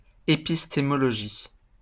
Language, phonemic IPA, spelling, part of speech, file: French, /e.pis.te.mɔ.lɔ.ʒi/, épistémologie, noun, LL-Q150 (fra)-épistémologie.wav
- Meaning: epistemology